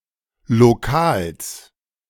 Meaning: genitive singular of Lokal
- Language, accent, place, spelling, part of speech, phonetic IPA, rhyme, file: German, Germany, Berlin, Lokals, noun, [loˈkaːls], -aːls, De-Lokals.ogg